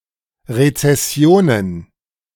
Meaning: plural of Rezession
- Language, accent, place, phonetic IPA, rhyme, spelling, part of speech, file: German, Germany, Berlin, [ʁet͡sɛˈsi̯oːnən], -oːnən, Rezessionen, noun, De-Rezessionen.ogg